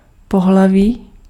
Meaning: 1. sex, gender (typically one of the categories male or female) 2. sex organs, genitals
- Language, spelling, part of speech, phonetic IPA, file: Czech, pohlaví, noun, [ˈpoɦlaviː], Cs-pohlaví.ogg